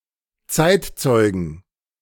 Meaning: 1. genitive singular of Zeitzeuge 2. plural of Zeitzeuge
- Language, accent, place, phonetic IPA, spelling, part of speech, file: German, Germany, Berlin, [ˈt͡saɪ̯tˌt͡sɔɪ̯ɡn̩], Zeitzeugen, noun, De-Zeitzeugen.ogg